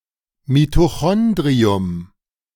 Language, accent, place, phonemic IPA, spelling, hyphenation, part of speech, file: German, Germany, Berlin, /mitoˈxɔndʁiʊm/, Mitochondrium, Mi‧to‧chon‧dri‧um, noun, De-Mitochondrium.ogg
- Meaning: mitochondrion (respiratory organelle)